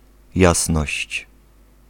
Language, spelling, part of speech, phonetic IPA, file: Polish, jasność, noun, [ˈjasnɔɕt͡ɕ], Pl-jasność.ogg